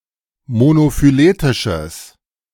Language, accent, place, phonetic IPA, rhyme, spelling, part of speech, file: German, Germany, Berlin, [monofyˈleːtɪʃəs], -eːtɪʃəs, monophyletisches, adjective, De-monophyletisches.ogg
- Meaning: strong/mixed nominative/accusative neuter singular of monophyletisch